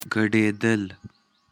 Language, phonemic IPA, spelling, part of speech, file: Pashto, /ɡa.ɖe.dəl/, ګډېدل, verb, ګډېدل.ogg
- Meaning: to dance